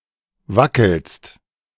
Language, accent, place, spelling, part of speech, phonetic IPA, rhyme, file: German, Germany, Berlin, wackelst, verb, [ˈvakl̩st], -akl̩st, De-wackelst.ogg
- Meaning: second-person singular present of wackeln